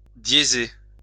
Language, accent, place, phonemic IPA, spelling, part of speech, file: French, France, Lyon, /dje.ze/, diéser, verb, LL-Q150 (fra)-diéser.wav
- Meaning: to sharp (US), sharpen (UK)